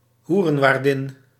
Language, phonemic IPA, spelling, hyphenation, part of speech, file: Dutch, /ˈɦu.rə(n)ˌʋaːr.dɪn/, hoerenwaardin, hoe‧ren‧waar‧din, noun, Nl-hoerenwaardin.ogg
- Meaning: madam, female brothel-keeper